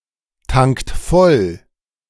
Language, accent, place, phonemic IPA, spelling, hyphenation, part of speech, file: German, Germany, Berlin, /ˌtaŋkt ˈfɔl/, tankt voll, tankt voll, verb, De-tankt voll.ogg
- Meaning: inflection of volltanken: 1. second-person plural present 2. third-person singular present 3. plural imperative